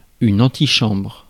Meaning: antechamber, anteroom
- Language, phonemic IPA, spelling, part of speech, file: French, /ɑ̃.ti.ʃɑ̃bʁ/, antichambre, noun, Fr-antichambre.ogg